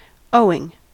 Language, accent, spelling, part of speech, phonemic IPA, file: English, US, owing, adjective / verb, /ˈoʊ.ɪŋ/, En-us-owing.ogg
- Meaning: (adjective) Still to be paid; owed as a debt; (verb) present participle and gerund of owe